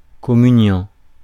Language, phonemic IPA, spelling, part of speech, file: French, /kɔ.my.njɑ̃/, communiant, verb / noun, Fr-communiant.ogg
- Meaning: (verb) present participle of communier; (noun) communicant